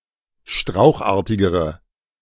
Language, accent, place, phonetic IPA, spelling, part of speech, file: German, Germany, Berlin, [ˈʃtʁaʊ̯xˌʔaːɐ̯tɪɡəʁə], strauchartigere, adjective, De-strauchartigere.ogg
- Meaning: inflection of strauchartig: 1. strong/mixed nominative/accusative feminine singular comparative degree 2. strong nominative/accusative plural comparative degree